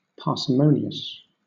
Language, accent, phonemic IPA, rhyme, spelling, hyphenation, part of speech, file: English, Southern England, /pɑː.sɪˈməʊ.ni.əs/, -əʊniəs, parsimonious, par‧si‧mon‧i‧ous, adjective, LL-Q1860 (eng)-parsimonious.wav
- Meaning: 1. Exhibiting parsimony; sparing in the expenditure of money; frugal, possibly to excess 2. Using a minimal number of assumptions, steps, or conjectures 3. Not conceding many goals